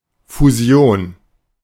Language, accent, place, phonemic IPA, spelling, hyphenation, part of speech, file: German, Germany, Berlin, /fuˈzi̯oːn/, Fusion, Fu‧si‧on, noun, De-Fusion.ogg
- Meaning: 1. merger (legal union of two or more corporations into a single entity) 2. more generally, fusion in some other technical contexts